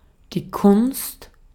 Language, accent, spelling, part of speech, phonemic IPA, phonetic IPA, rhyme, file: German, Austria, Kunst, noun, /kʊnst/, [kʰʊnst], -ʊnst, De-at-Kunst.ogg
- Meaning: 1. art 2. artworks, works of art 3. craft 4. skill, ability 5. something artificially created or manufactured, as opposed to something natural